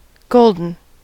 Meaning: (adjective) 1. Made of, or relating to, gold 2. Having a color or other richness suggestive of gold 3. Of a beverage, flavoured or colored with turmeric 4. Marked by prosperity, creativity etc
- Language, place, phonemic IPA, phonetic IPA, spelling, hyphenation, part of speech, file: English, California, /ˈɡoʊl.dən/, [ˈɡəɫ.dn̩], golden, gol‧den, adjective / noun / verb, En-us-golden.ogg